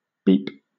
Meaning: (noun) 1. The sound produced by the horn of a car, or any similar sound 2. A short, electronically produced tone 3. A message sent to a pager device 4. Synonym of bell (“bell character”)
- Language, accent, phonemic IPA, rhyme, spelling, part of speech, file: English, Southern England, /biːp/, -iːp, beep, noun / verb, LL-Q1860 (eng)-beep.wav